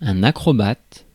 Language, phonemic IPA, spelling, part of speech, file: French, /a.kʁɔ.bat/, acrobate, noun, Fr-acrobate.ogg
- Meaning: acrobat